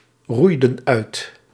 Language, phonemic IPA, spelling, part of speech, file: Dutch, /ˈrujdə(n) ˈœyt/, roeiden uit, verb, Nl-roeiden uit.ogg
- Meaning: inflection of uitroeien: 1. plural past indicative 2. plural past subjunctive